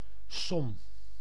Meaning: 1. sum 2. problem
- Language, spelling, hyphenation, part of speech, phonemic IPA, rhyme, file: Dutch, som, som, noun, /sɔm/, -ɔm, Nl-som.ogg